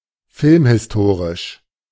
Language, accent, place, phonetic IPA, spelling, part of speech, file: German, Germany, Berlin, [ˈfɪlmhɪsˌtoːʁɪʃ], filmhistorisch, adjective, De-filmhistorisch.ogg
- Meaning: synonym of filmgeschichtlich